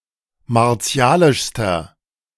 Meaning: inflection of martialisch: 1. strong/mixed nominative masculine singular superlative degree 2. strong genitive/dative feminine singular superlative degree 3. strong genitive plural superlative degree
- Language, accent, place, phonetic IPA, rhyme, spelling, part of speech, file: German, Germany, Berlin, [maʁˈt͡si̯aːlɪʃstɐ], -aːlɪʃstɐ, martialischster, adjective, De-martialischster.ogg